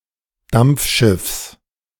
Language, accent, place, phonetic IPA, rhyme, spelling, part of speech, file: German, Germany, Berlin, [ˈdamp͡fˌʃɪfs], -amp͡fʃɪfs, Dampfschiffs, noun, De-Dampfschiffs.ogg
- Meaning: genitive singular of Dampfschiff